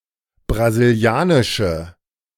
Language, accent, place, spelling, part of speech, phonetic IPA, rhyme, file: German, Germany, Berlin, brasilianische, adjective, [bʁaziˈli̯aːnɪʃə], -aːnɪʃə, De-brasilianische.ogg
- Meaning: inflection of brasilianisch: 1. strong/mixed nominative/accusative feminine singular 2. strong nominative/accusative plural 3. weak nominative all-gender singular